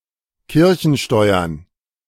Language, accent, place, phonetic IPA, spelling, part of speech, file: German, Germany, Berlin, [ˈkɪʁçn̩ˌʃtɔɪ̯ɐn], Kirchensteuern, noun, De-Kirchensteuern.ogg
- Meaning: plural of Kirchensteuer